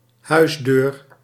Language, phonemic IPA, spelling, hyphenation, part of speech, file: Dutch, /ˈɦœy̯s.døːr/, huisdeur, huis‧deur, noun, Nl-huisdeur.ogg
- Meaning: house door